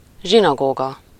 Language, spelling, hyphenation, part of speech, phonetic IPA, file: Hungarian, zsinagóga, zsi‧na‧gó‧ga, noun, [ˈʒinɒɡoːɡɒ], Hu-zsinagóga.ogg
- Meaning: synagogue